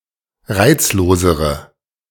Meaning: inflection of reizlos: 1. strong/mixed nominative/accusative feminine singular comparative degree 2. strong nominative/accusative plural comparative degree
- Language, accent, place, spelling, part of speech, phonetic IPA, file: German, Germany, Berlin, reizlosere, adjective, [ˈʁaɪ̯t͡sloːzəʁə], De-reizlosere.ogg